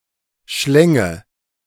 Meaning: first/third-person singular subjunctive II of schlingen
- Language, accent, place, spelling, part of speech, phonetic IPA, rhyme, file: German, Germany, Berlin, schlänge, verb, [ˈʃlɛŋə], -ɛŋə, De-schlänge.ogg